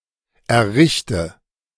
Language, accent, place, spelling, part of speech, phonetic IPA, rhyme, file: German, Germany, Berlin, errichte, verb, [ɛɐ̯ˈʁɪçtə], -ɪçtə, De-errichte.ogg
- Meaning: inflection of errichten: 1. first-person singular present 2. first/third-person singular subjunctive I 3. singular imperative